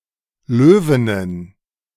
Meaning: plural of Löwin
- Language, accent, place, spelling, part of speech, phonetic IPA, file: German, Germany, Berlin, Löwinnen, noun, [ˈløːvɪnən], De-Löwinnen.ogg